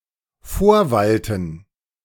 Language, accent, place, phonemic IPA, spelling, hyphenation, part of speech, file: German, Germany, Berlin, /ˈfoːɐ̯ˌvaltn̩/, vorwalten, vor‧wal‧ten, verb, De-vorwalten.ogg
- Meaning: to prevail